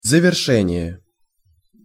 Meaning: completion (making complete; conclusion)
- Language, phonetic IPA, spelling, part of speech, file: Russian, [zəvʲɪrˈʂɛnʲɪje], завершение, noun, Ru-завершение.ogg